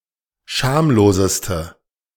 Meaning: inflection of schamlos: 1. strong/mixed nominative/accusative feminine singular superlative degree 2. strong nominative/accusative plural superlative degree
- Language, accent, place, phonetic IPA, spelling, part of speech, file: German, Germany, Berlin, [ˈʃaːmloːzəstə], schamloseste, adjective, De-schamloseste.ogg